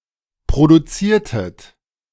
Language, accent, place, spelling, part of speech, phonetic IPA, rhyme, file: German, Germany, Berlin, produziertet, verb, [pʁoduˈt͡siːɐ̯tət], -iːɐ̯tət, De-produziertet.ogg
- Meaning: inflection of produzieren: 1. second-person plural preterite 2. second-person plural subjunctive II